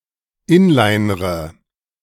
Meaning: inflection of inlinern: 1. first-person singular present 2. first/third-person singular subjunctive I 3. singular imperative
- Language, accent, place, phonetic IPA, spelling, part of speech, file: German, Germany, Berlin, [ˈɪnlaɪ̯nʁə], inlinre, verb, De-inlinre.ogg